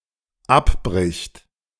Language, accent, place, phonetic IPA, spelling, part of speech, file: German, Germany, Berlin, [ˈapˌbʁɪçt], abbricht, verb, De-abbricht.ogg
- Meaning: third-person singular dependent present of abbrechen